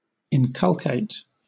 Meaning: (verb) 1. To teach by repeated instruction 2. To induce understanding or a particular sentiment in a person or persons; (adjective) Inculcated
- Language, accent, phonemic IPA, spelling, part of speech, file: English, Southern England, /ɪnˈkʌl.keɪt/, inculcate, verb / adjective, LL-Q1860 (eng)-inculcate.wav